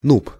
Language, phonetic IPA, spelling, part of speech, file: Russian, [nup], нуб, noun, Ru-нуб.ogg
- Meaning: noob